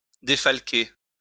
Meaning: 1. to deduct 2. to recoup
- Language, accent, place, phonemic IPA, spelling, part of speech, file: French, France, Lyon, /de.fal.ke/, défalquer, verb, LL-Q150 (fra)-défalquer.wav